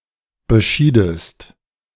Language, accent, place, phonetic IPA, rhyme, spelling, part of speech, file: German, Germany, Berlin, [bəˈʃiːdəst], -iːdəst, beschiedest, verb, De-beschiedest.ogg
- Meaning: inflection of bescheiden: 1. second-person singular preterite 2. second-person singular subjunctive II